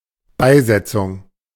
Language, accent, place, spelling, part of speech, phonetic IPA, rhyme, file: German, Germany, Berlin, Beisetzung, noun, [ˈbaɪ̯ˌzɛt͡sʊŋ], -aɪ̯zɛt͡sʊŋ, De-Beisetzung.ogg
- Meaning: burial